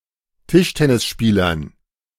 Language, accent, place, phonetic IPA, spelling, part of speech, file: German, Germany, Berlin, [ˈtɪʃtɛnɪsˌʃpiːlɐn], Tischtennisspielern, noun, De-Tischtennisspielern.ogg
- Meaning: dative plural of Tischtennisspieler